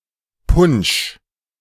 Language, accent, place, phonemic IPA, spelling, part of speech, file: German, Germany, Berlin, /pʊnʃ/, Punsch, noun, De-Punsch.ogg
- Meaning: punch (beverage)